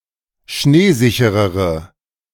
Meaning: inflection of schneesicher: 1. strong/mixed nominative/accusative feminine singular comparative degree 2. strong nominative/accusative plural comparative degree
- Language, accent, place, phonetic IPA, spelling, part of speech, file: German, Germany, Berlin, [ˈʃneːˌzɪçəʁəʁə], schneesicherere, adjective, De-schneesicherere.ogg